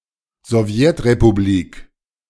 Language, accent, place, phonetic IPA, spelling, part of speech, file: German, Germany, Berlin, [zɔˈvjɛtʁepuˌbliːk], Sowjetrepublik, noun, De-Sowjetrepublik.ogg
- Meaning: Soviet republic (a constituent republic of the former Soviet Union)